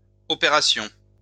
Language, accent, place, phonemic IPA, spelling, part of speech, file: French, France, Lyon, /ɔ.pe.ʁa.sjɔ̃/, opérations, noun, LL-Q150 (fra)-opérations.wav
- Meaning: plural of opération